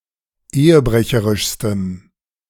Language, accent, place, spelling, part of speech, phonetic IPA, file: German, Germany, Berlin, ehebrecherischstem, adjective, [ˈeːəˌbʁɛçəʁɪʃstəm], De-ehebrecherischstem.ogg
- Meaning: strong dative masculine/neuter singular superlative degree of ehebrecherisch